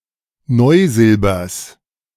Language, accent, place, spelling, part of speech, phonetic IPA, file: German, Germany, Berlin, Neusilbers, noun, [ˈnɔɪ̯ˌzɪlbɐs], De-Neusilbers.ogg
- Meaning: genitive singular of Neusilber